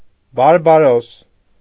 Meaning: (noun) barbarian
- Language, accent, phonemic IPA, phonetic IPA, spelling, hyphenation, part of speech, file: Armenian, Eastern Armenian, /bɑɾbɑˈɾos/, [bɑɾbɑɾós], բարբարոս, բար‧բա‧րոս, noun / adjective, Hy-բարբարոս.ogg